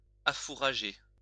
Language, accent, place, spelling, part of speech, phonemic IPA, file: French, France, Lyon, affourager, verb, /a.fu.ʁa.ʒe/, LL-Q150 (fra)-affourager.wav
- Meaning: to fodder